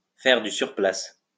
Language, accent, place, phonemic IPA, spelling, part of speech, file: French, France, Lyon, /fɛʁ dy syʁ.plas/, faire du surplace, verb, LL-Q150 (fra)-faire du surplace.wav
- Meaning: alternative spelling of faire du sur place